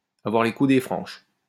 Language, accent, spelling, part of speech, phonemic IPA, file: French, France, avoir les coudées franches, verb, /a.vwaʁ le ku.de fʁɑ̃ʃ/, LL-Q150 (fra)-avoir les coudées franches.wav
- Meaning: to be unrestrained, to be unencumbered, to have a free rein